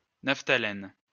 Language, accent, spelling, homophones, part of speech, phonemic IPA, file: French, France, naphtalène, naphtalènes, noun, /naf.ta.lɛn/, LL-Q150 (fra)-naphtalène.wav
- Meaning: naphthalene